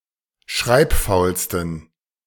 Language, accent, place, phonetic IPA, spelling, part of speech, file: German, Germany, Berlin, [ˈʃʁaɪ̯pˌfaʊ̯lstn̩], schreibfaulsten, adjective, De-schreibfaulsten.ogg
- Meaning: 1. superlative degree of schreibfaul 2. inflection of schreibfaul: strong genitive masculine/neuter singular superlative degree